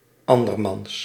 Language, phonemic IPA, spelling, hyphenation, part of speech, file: Dutch, /ˈɑn.dərˌmɑns/, andermans, an‧der‧mans, pronoun, Nl-andermans.ogg
- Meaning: someone else's